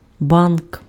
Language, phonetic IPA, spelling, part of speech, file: Ukrainian, [bank], банк, noun, Uk-банк.ogg
- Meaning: bank (financial institution)